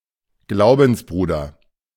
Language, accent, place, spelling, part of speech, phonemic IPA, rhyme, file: German, Germany, Berlin, Glaubensbruder, noun, /ˈɡlaʊ̯bn̩sˌbʁuːdɐ/, -uːdɐ, De-Glaubensbruder.ogg
- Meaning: brother in faith, (male) co-religionist